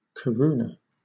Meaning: 1. The currency of the former Czechoslovakia, divided into 100 hellers 2. The currency of the Czech Republic, divided into 100 hellers 3. The former currency of Slovakia, divided into 100 haliers
- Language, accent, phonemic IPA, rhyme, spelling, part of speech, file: English, Southern England, /kəˈɹuːnə/, -uːnə, koruna, noun, LL-Q1860 (eng)-koruna.wav